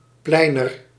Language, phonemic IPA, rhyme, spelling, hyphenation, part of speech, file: Dutch, /ˈplɛi̯.nər/, -ɛi̯nər, pleiner, plei‧ner, noun, Nl-pleiner.ogg
- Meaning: a type of middle-class nozem from Amsterdam inspired by modern art, French culture and jazz, similar to a mod